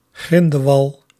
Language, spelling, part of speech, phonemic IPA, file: Dutch, grindewal, noun, /ˈɣrɪndəˌwɑl/, Nl-grindewal.ogg
- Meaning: pilot whale